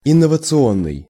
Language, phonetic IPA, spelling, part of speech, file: Russian, [ɪnːəvət͡sɨˈonːɨj], инновационный, adjective, Ru-инновационный.ogg
- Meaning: 1. innovation 2. innovative, ground-breaking